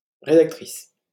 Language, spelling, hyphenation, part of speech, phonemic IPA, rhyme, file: French, rédactrice, ré‧dac‧tri‧ce, noun, /ʁe.dak.tʁis/, -is, LL-Q150 (fra)-rédactrice.wav
- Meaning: female equivalent of rédacteur